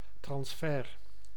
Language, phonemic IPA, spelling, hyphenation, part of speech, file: Dutch, /ˈtrɑnsfər/, transfer, trans‧fer, noun, Nl-transfer.ogg
- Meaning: transfer